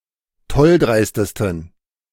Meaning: 1. superlative degree of tolldreist 2. inflection of tolldreist: strong genitive masculine/neuter singular superlative degree
- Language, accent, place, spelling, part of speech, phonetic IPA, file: German, Germany, Berlin, tolldreistesten, adjective, [ˈtɔlˌdʁaɪ̯stəstn̩], De-tolldreistesten.ogg